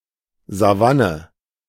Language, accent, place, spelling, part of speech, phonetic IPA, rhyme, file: German, Germany, Berlin, Savanne, noun, [zaˈvanə], -anə, De-Savanne.ogg
- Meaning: savanna